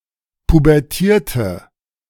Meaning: inflection of pubertieren: 1. first/third-person singular preterite 2. first/third-person singular subjunctive II
- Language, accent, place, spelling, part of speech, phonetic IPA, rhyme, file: German, Germany, Berlin, pubertierte, verb, [pubɛʁˈtiːɐ̯tə], -iːɐ̯tə, De-pubertierte.ogg